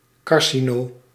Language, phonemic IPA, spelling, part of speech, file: Dutch, /ˈkɑr.si.noː/, carcino-, prefix, Nl-carcino-.ogg
- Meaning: carcino-, cancer-